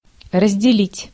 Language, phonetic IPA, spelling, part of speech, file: Russian, [rəzʲdʲɪˈlʲitʲ], разделить, verb, Ru-разделить.ogg
- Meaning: 1. to divide 2. to separate 3. to share (to have in common)